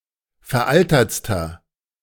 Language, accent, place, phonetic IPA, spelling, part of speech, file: German, Germany, Berlin, [fɛɐ̯ˈʔaltɐt͡stɐ], veraltertster, adjective, De-veraltertster.ogg
- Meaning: inflection of veraltert: 1. strong/mixed nominative masculine singular superlative degree 2. strong genitive/dative feminine singular superlative degree 3. strong genitive plural superlative degree